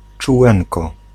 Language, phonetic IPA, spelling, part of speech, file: Polish, [t͡ʃuˈwɛ̃nkɔ], czółenko, noun, Pl-czółenko.ogg